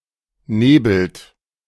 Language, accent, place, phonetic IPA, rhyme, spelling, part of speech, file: German, Germany, Berlin, [ˈneːbl̩t], -eːbl̩t, nebelt, verb, De-nebelt.ogg
- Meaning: inflection of nebeln: 1. third-person singular present 2. second-person plural present 3. plural imperative